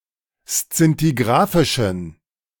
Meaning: inflection of szintigrafisch: 1. strong genitive masculine/neuter singular 2. weak/mixed genitive/dative all-gender singular 3. strong/weak/mixed accusative masculine singular 4. strong dative plural
- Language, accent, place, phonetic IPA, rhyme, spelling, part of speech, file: German, Germany, Berlin, [st͡sɪntiˈɡʁaːfɪʃn̩], -aːfɪʃn̩, szintigrafischen, adjective, De-szintigrafischen.ogg